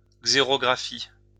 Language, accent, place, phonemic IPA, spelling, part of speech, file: French, France, Lyon, /ɡze.ʁɔ.ɡʁa.fi/, xérographie, noun, LL-Q150 (fra)-xérographie.wav
- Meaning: xerography